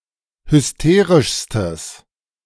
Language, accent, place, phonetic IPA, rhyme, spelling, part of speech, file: German, Germany, Berlin, [hʏsˈteːʁɪʃstəs], -eːʁɪʃstəs, hysterischstes, adjective, De-hysterischstes.ogg
- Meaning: strong/mixed nominative/accusative neuter singular superlative degree of hysterisch